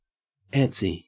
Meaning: restless, apprehensive and fidgety
- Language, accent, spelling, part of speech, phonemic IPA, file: English, Australia, antsy, adjective, /ˈæn.tsi/, En-au-antsy.ogg